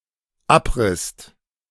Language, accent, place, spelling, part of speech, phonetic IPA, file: German, Germany, Berlin, abrisst, verb, [ˈapˌʁɪst], De-abrisst.ogg
- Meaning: second-person singular/plural dependent preterite of abreißen